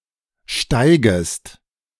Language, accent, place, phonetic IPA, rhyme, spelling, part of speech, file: German, Germany, Berlin, [ˈʃtaɪ̯ɡəst], -aɪ̯ɡəst, steigest, verb, De-steigest.ogg
- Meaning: second-person singular subjunctive I of steigen